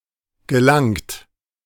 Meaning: 1. inflection of gelangen: third-person singular present 2. inflection of gelangen: second-person plural present 3. inflection of gelangen: plural imperative 4. past participle of gelangen
- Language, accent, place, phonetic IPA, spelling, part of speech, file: German, Germany, Berlin, [ɡəˈlaŋt], gelangt, verb, De-gelangt.ogg